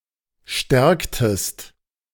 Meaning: inflection of stärken: 1. second-person singular preterite 2. second-person singular subjunctive II
- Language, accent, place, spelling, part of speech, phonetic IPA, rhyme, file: German, Germany, Berlin, stärktest, verb, [ˈʃtɛʁktəst], -ɛʁktəst, De-stärktest.ogg